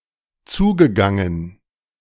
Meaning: past participle of zugehen
- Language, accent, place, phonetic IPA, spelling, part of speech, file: German, Germany, Berlin, [ˈt͡suːɡəˌɡaŋən], zugegangen, verb, De-zugegangen.ogg